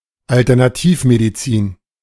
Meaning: alternative medicine
- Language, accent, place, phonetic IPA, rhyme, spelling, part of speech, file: German, Germany, Berlin, [altɛʁnaˈtiːfmediˌt͡siːn], -iːfmedit͡siːn, Alternativmedizin, noun, De-Alternativmedizin.ogg